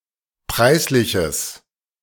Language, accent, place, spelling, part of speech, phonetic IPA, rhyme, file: German, Germany, Berlin, preisliches, adjective, [ˈpʁaɪ̯sˌlɪçəs], -aɪ̯slɪçəs, De-preisliches.ogg
- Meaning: strong/mixed nominative/accusative neuter singular of preislich